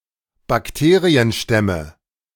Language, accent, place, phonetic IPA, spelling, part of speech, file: German, Germany, Berlin, [bakˈteːʁiənˌʃtɛmə], Bakterienstämme, noun, De-Bakterienstämme.ogg
- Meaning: nominative/accusative/genitive plural of Bakterienstamm